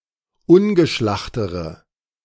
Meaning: inflection of ungeschlacht: 1. strong/mixed nominative/accusative feminine singular comparative degree 2. strong nominative/accusative plural comparative degree
- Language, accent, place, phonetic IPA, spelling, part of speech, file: German, Germany, Berlin, [ˈʊnɡəˌʃlaxtəʁə], ungeschlachtere, adjective, De-ungeschlachtere.ogg